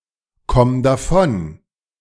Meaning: singular imperative of davonkommen
- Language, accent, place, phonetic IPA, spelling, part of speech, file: German, Germany, Berlin, [ˌkɔm daˈfɔn], komm davon, verb, De-komm davon.ogg